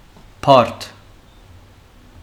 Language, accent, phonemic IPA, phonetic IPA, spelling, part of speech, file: Armenian, Western Armenian, /pɑɾt/, [pʰɑɾtʰ], բարդ, adjective / noun, HyW-բարդ.ogg
- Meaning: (adjective) 1. complicated, complex, difficult 2. compound, composite; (noun) heap of corn or grass